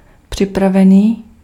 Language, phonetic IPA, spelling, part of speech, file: Czech, [ˈpr̝̊ɪpravɛniː], připravený, adjective, Cs-připravený.ogg
- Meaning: ready, prepared